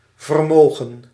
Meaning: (noun) 1. ability, power, capacity 2. power 3. fortune (large sum of money) 4. wealth, fortune, property; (verb) 1. to be able to do, to be able to achieve 2. past participle of vermogen
- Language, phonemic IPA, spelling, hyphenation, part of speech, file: Dutch, /vərˈmoːɣə(n)/, vermogen, ver‧mo‧gen, noun / verb, Nl-vermogen.ogg